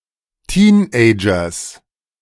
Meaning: genitive of Teenager
- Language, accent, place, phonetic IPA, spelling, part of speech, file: German, Germany, Berlin, [ˈtiːnʔɛɪ̯d͡ʒɐs], Teenagers, noun, De-Teenagers.ogg